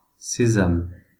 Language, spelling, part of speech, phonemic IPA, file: French, sésame, noun, /se.zam/, Fr-sésame.ogg
- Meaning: 1. sesame (plant, seed) 2. hint 3. something that renders something else possible as if by magic: open sesame, magic word, (metaphorical) skeleton key